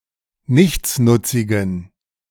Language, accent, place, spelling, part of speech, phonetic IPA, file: German, Germany, Berlin, nichtsnutzigen, adjective, [ˈnɪçt͡snʊt͡sɪɡn̩], De-nichtsnutzigen.ogg
- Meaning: inflection of nichtsnutzig: 1. strong genitive masculine/neuter singular 2. weak/mixed genitive/dative all-gender singular 3. strong/weak/mixed accusative masculine singular 4. strong dative plural